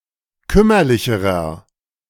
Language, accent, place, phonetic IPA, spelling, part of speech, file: German, Germany, Berlin, [ˈkʏmɐlɪçəʁɐ], kümmerlicherer, adjective, De-kümmerlicherer.ogg
- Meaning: inflection of kümmerlich: 1. strong/mixed nominative masculine singular comparative degree 2. strong genitive/dative feminine singular comparative degree 3. strong genitive plural comparative degree